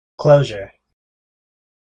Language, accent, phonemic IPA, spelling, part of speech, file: English, US, /ˈkloʊ.ʒɚ/, closure, noun / verb, En-us-closure.ogg
- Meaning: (noun) 1. An event or occurrence that signifies an ending 2. A feeling of completeness; the experience of an emotional conclusion, usually to a difficult period